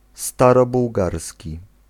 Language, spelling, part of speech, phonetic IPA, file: Polish, starobułgarski, adjective, [ˌstarɔbuwˈɡarsʲci], Pl-starobułgarski.ogg